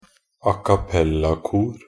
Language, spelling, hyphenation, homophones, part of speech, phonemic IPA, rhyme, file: Norwegian Bokmål, acappellakor, a‧cap‧pel‧la‧kor, a cappella-kor, noun, /a.kaˈpelːakuːr/, -uːr, Nb-acappellakor.ogg
- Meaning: an a cappella choir